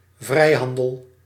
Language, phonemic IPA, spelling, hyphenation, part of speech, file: Dutch, /ˈvrɛi̯ˌɦɑn.dəl/, vrijhandel, vrij‧han‧del, noun, Nl-vrijhandel.ogg
- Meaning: free trade